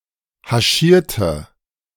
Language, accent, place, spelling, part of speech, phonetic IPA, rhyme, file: German, Germany, Berlin, haschierte, adjective / verb, [haˈʃiːɐ̯tə], -iːɐ̯tə, De-haschierte.ogg
- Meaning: inflection of haschieren: 1. first/third-person singular preterite 2. first/third-person singular subjunctive II